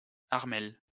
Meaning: a male given name
- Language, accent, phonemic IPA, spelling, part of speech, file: French, France, /aʁ.mɛl/, Armel, proper noun, LL-Q150 (fra)-Armel.wav